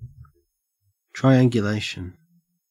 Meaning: A technique in which distances and directions are estimated from an accurately measured baseline and the principles of trigonometry; (countable) an instance of the use of this technique
- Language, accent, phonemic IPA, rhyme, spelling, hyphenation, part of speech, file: English, Australia, /tɹaɪˌæŋɡjʊˈleɪʃən/, -eɪʃən, triangulation, tri‧an‧gu‧lat‧ion, noun, En-au-triangulation.ogg